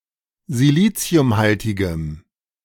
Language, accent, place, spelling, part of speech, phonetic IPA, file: German, Germany, Berlin, siliziumhaltigem, adjective, [ziˈliːt͡si̯ʊmˌhaltɪɡəm], De-siliziumhaltigem.ogg
- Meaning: strong dative masculine/neuter singular of siliziumhaltig